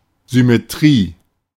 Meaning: symmetry
- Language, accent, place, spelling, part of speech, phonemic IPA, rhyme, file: German, Germany, Berlin, Symmetrie, noun, /zʏmeˈtʁiː/, -iː, De-Symmetrie.ogg